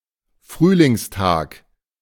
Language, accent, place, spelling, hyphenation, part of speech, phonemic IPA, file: German, Germany, Berlin, Frühlingstag, Früh‧lings‧tag, noun, /ˈfryːlɪŋstaːk/, De-Frühlingstag.ogg
- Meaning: spring day